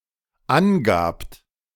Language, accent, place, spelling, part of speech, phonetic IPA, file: German, Germany, Berlin, angabt, verb, [ˈanˌɡaːpt], De-angabt.ogg
- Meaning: second-person plural dependent preterite of angeben